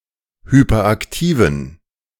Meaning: inflection of hyperaktiv: 1. strong genitive masculine/neuter singular 2. weak/mixed genitive/dative all-gender singular 3. strong/weak/mixed accusative masculine singular 4. strong dative plural
- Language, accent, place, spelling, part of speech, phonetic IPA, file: German, Germany, Berlin, hyperaktiven, adjective, [ˌhypɐˈʔaktiːvn̩], De-hyperaktiven.ogg